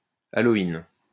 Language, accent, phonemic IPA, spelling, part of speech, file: French, France, /a.lɔ.in/, aloïne, noun, LL-Q150 (fra)-aloïne.wav
- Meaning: aloin